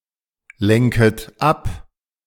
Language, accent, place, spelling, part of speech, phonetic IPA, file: German, Germany, Berlin, lenket ab, verb, [ˌlɛŋkət ˈap], De-lenket ab.ogg
- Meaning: second-person plural subjunctive I of ablenken